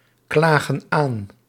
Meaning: inflection of aanklagen: 1. plural present indicative 2. plural present subjunctive
- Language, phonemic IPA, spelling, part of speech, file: Dutch, /ˈklaɣə(n) ˈan/, klagen aan, verb, Nl-klagen aan.ogg